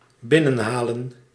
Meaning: 1. to bring in 2. to download
- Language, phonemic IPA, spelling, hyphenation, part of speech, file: Dutch, /ˈbɪnə(n)ɦaːlə(n)/, binnenhalen, bin‧nen‧ha‧len, verb, Nl-binnenhalen.ogg